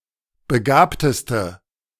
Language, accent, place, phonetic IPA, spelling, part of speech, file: German, Germany, Berlin, [bəˈɡaːptəstə], begabteste, adjective, De-begabteste.ogg
- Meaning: inflection of begabt: 1. strong/mixed nominative/accusative feminine singular superlative degree 2. strong nominative/accusative plural superlative degree